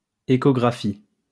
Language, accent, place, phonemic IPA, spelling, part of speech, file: French, France, Lyon, /e.ko.ɡʁa.fi/, échographie, noun, LL-Q150 (fra)-échographie.wav
- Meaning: echography